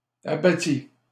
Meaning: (noun) 1. rubble 2. an area that has been cleared of trees, but not yet of their stumps 3. giblets 4. abatis 5. limbs; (verb) first/second-person singular past historic of abattre
- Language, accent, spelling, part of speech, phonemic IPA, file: French, Canada, abattis, noun / verb, /a.ba.ti/, LL-Q150 (fra)-abattis.wav